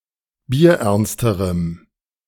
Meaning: strong dative masculine/neuter singular comparative degree of bierernst
- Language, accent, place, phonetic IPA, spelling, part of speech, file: German, Germany, Berlin, [biːɐ̯ˈʔɛʁnstəʁəm], bierernsterem, adjective, De-bierernsterem.ogg